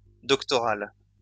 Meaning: doctoral
- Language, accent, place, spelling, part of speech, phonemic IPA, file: French, France, Lyon, doctoral, adjective, /dɔk.tɔ.ʁal/, LL-Q150 (fra)-doctoral.wav